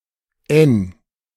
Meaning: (character) The fourteenth letter of the German alphabet, written in the Latin script; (noun) 1. N 2. abbreviation of Nord; north
- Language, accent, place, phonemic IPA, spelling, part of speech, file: German, Germany, Berlin, /ʔɛn/, N, character / noun, De-N.ogg